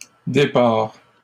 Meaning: inflection of départir: 1. first/second-person singular present indicative 2. second-person singular imperative
- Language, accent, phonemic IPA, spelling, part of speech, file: French, Canada, /de.paʁ/, dépars, verb, LL-Q150 (fra)-dépars.wav